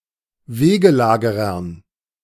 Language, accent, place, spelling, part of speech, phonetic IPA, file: German, Germany, Berlin, Wegelagerern, noun, [ˈveːɡəˌlaːɡəʁɐn], De-Wegelagerern.ogg
- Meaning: dative plural of Wegelagerer